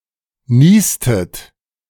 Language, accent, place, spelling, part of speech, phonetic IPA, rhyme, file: German, Germany, Berlin, niestet, verb, [ˈniːstət], -iːstət, De-niestet.ogg
- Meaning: inflection of niesen: 1. second-person plural preterite 2. second-person plural subjunctive II